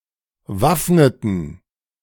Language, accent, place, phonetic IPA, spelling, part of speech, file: German, Germany, Berlin, [ˈvafnətn̩], waffneten, verb, De-waffneten.ogg
- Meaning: inflection of waffnen: 1. first/third-person plural preterite 2. first/third-person plural subjunctive II